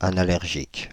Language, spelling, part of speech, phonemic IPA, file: French, anallergique, adjective, /a.na.lɛʁ.ʒik/, Fr-anallergique.ogg
- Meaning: hypoallergenic